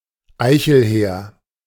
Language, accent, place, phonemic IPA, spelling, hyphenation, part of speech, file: German, Germany, Berlin, /ˈaɪ̯çəlˌhɛː(ə)ʁ/, Eichelhäher, Ei‧chel‧hä‧her, noun, De-Eichelhäher.ogg
- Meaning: European jay (bird), Garrulus glandarius